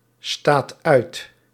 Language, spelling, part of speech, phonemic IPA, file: Dutch, staat uit, verb, /ˈstat ˈœyt/, Nl-staat uit.ogg
- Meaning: inflection of uitstaan: 1. second/third-person singular present indicative 2. plural imperative